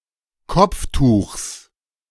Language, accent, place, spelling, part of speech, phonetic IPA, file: German, Germany, Berlin, Kopftuchs, noun, [ˈkɔp͡fˌtuːxs], De-Kopftuchs.ogg
- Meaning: genitive singular of Kopftuch